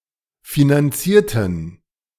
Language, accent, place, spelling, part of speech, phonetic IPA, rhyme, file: German, Germany, Berlin, finanzierten, adjective / verb, [finanˈt͡siːɐ̯tn̩], -iːɐ̯tn̩, De-finanzierten.ogg
- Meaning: inflection of finanzieren: 1. first/third-person plural preterite 2. first/third-person plural subjunctive II